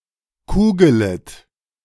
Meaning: second-person plural subjunctive I of kugeln
- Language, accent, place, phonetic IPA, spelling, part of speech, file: German, Germany, Berlin, [ˈkuːɡələt], kugelet, verb, De-kugelet.ogg